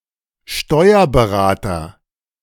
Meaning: tax adviser / tax advisor, tax consultant, tax counsel, tax preparer (male or of unspecified gender)
- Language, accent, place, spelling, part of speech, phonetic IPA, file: German, Germany, Berlin, Steuerberater, noun, [ˈʃtɔɪ̯ɐbəˌʁaːtɐ], De-Steuerberater.ogg